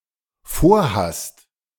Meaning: second-person singular dependent present of vorhaben
- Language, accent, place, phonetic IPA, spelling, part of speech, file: German, Germany, Berlin, [ˈfoːɐ̯ˌhast], vorhast, verb, De-vorhast.ogg